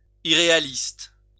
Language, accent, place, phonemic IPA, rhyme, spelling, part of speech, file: French, France, Lyon, /i.ʁe.a.list/, -ist, irréaliste, adjective, LL-Q150 (fra)-irréaliste.wav
- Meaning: unrealistic (not realistic)